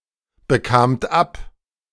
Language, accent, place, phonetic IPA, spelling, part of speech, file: German, Germany, Berlin, [bəˌkaːmt ˈap], bekamt ab, verb, De-bekamt ab.ogg
- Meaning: second-person plural preterite of abbekommen